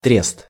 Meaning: trust (a group of businessmen or traders)
- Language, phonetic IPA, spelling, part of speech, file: Russian, [trʲest], трест, noun, Ru-трест.ogg